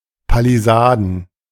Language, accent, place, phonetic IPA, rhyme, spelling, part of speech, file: German, Germany, Berlin, [paliˈzaːdn̩], -aːdn̩, Palisaden, noun, De-Palisaden.ogg
- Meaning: plural of Palisade